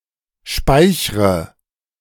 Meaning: inflection of speichern: 1. first-person singular present 2. first/third-person singular subjunctive I 3. singular imperative
- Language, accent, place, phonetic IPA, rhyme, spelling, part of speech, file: German, Germany, Berlin, [ˈʃpaɪ̯çʁə], -aɪ̯çʁə, speichre, verb, De-speichre.ogg